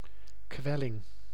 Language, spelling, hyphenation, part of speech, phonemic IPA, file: Dutch, kwelling, kwel‧ling, noun, /ˈkwɛlɪŋ/, Nl-kwelling.ogg
- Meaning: torment (extreme pain or displeasure)